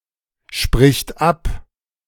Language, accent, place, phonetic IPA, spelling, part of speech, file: German, Germany, Berlin, [ˌʃpʁɪçt ˈap], spricht ab, verb, De-spricht ab.ogg
- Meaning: third-person singular present of absprechen